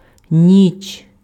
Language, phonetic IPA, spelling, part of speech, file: Ukrainian, [nʲit͡ʃ], ніч, noun, Uk-ніч.ogg
- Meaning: night, nighttime (period of time from sundown to sunup)